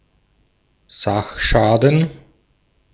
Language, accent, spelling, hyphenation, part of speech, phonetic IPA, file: German, Austria, Sachschaden, Sach‧scha‧den, noun, [ˈzaxˌʃaːdn̩], De-at-Sachschaden.ogg
- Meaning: material damage